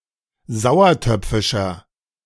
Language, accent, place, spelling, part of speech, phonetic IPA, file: German, Germany, Berlin, sauertöpfischer, adjective, [ˈzaʊ̯ɐˌtœp͡fɪʃɐ], De-sauertöpfischer.ogg
- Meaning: 1. comparative degree of sauertöpfisch 2. inflection of sauertöpfisch: strong/mixed nominative masculine singular 3. inflection of sauertöpfisch: strong genitive/dative feminine singular